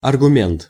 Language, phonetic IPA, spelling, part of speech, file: Russian, [ɐrɡʊˈmʲent], аргумент, noun, Ru-аргумент.ogg
- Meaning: 1. argument, reason (fact or statement used to support a proposition) 2. argument